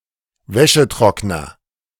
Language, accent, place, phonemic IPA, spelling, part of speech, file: German, Germany, Berlin, /ˈvɛʃəˌtʁɔknɐ/, Wäschetrockner, noun, De-Wäschetrockner.ogg
- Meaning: 1. clothes dryer (machine that removes the water from clothing) 2. synonym of Wäscheständer (“clotheshorse”)